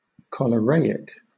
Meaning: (adjective) Relating to, or resembling, cholera; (noun) A person suffering from cholera
- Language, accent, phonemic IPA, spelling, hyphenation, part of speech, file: English, Southern England, /ˌkɒl.əˈɹeɪ.ɪk/, choleraic, cho‧le‧ra‧ic, adjective / noun, LL-Q1860 (eng)-choleraic.wav